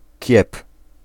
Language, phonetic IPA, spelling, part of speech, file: Polish, [cɛp], kiep, noun, Pl-kiep.ogg